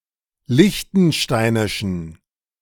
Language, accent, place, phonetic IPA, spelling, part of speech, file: German, Germany, Berlin, [ˈlɪçtn̩ˌʃtaɪ̯nɪʃn̩], liechtensteinischen, adjective, De-liechtensteinischen.ogg
- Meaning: inflection of liechtensteinisch: 1. strong genitive masculine/neuter singular 2. weak/mixed genitive/dative all-gender singular 3. strong/weak/mixed accusative masculine singular